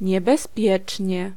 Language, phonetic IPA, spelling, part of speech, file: Polish, [ˌɲɛbɛsˈpʲjɛt͡ʃʲɲɛ], niebezpiecznie, adverb, Pl-niebezpiecznie.ogg